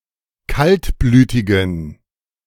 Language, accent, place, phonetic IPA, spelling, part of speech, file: German, Germany, Berlin, [ˈkaltˌblyːtɪɡn̩], kaltblütigen, adjective, De-kaltblütigen.ogg
- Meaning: inflection of kaltblütig: 1. strong genitive masculine/neuter singular 2. weak/mixed genitive/dative all-gender singular 3. strong/weak/mixed accusative masculine singular 4. strong dative plural